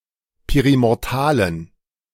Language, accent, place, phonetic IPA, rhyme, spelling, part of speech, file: German, Germany, Berlin, [ˌpeʁimɔʁˈtaːlən], -aːlən, perimortalen, adjective, De-perimortalen.ogg
- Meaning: inflection of perimortal: 1. strong genitive masculine/neuter singular 2. weak/mixed genitive/dative all-gender singular 3. strong/weak/mixed accusative masculine singular 4. strong dative plural